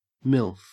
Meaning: 1. A (putative) mother found sexually attractive 2. A pornographic actress in her thirties or older
- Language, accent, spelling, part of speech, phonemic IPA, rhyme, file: English, Australia, MILF, noun, /mɪlf/, -ɪlf, En-au-MILF.ogg